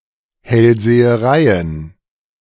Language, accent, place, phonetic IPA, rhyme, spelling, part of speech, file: German, Germany, Berlin, [hɛlzeːəˈʁaɪ̯ən], -aɪ̯ən, Hellsehereien, noun, De-Hellsehereien.ogg
- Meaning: plural of Hellseherei